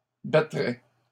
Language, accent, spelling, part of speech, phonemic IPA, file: French, Canada, battrait, verb, /ba.tʁɛ/, LL-Q150 (fra)-battrait.wav
- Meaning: third-person singular conditional of battre